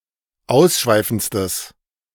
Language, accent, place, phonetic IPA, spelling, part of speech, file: German, Germany, Berlin, [ˈaʊ̯sˌʃvaɪ̯fn̩t͡stəs], ausschweifendstes, adjective, De-ausschweifendstes.ogg
- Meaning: strong/mixed nominative/accusative neuter singular superlative degree of ausschweifend